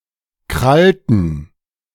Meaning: inflection of krallen: 1. first/third-person plural preterite 2. first/third-person plural subjunctive II
- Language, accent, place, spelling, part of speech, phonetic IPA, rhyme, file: German, Germany, Berlin, krallten, verb, [ˈkʁaltn̩], -altn̩, De-krallten.ogg